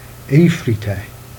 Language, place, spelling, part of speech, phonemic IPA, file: Jèrriais, Jersey, êffrité, adjective, /e.fri.tɛ/, Jer-êffrité.ogg
- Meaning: frightened